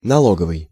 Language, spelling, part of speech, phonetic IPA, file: Russian, налоговый, adjective, [nɐˈɫoɡəvɨj], Ru-налоговый.ogg
- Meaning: tax, taxation